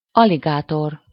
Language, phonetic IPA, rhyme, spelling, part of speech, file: Hungarian, [ˈɒliɡaːtor], -or, aligátor, noun, Hu-aligátor.ogg
- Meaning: alligator (either of two species of large amphibious reptile, Alligator mississippiensis or Alligator sinensis, in the genus Alligator within order Crocodilia)